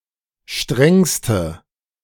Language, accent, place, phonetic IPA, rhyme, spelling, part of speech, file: German, Germany, Berlin, [ˈʃtʁɛŋstə], -ɛŋstə, strengste, adjective, De-strengste.ogg
- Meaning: inflection of streng: 1. strong/mixed nominative/accusative feminine singular superlative degree 2. strong nominative/accusative plural superlative degree